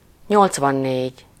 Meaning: eighty-four
- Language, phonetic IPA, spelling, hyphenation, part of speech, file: Hungarian, [ˈɲolt͡svɒnːeːɟ], nyolcvannégy, nyolc‧van‧négy, numeral, Hu-nyolcvannégy.ogg